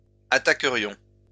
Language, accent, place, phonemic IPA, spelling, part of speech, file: French, France, Lyon, /a.ta.kə.ʁjɔ̃/, attaquerions, verb, LL-Q150 (fra)-attaquerions.wav
- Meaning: first-person plural conditional of attaquer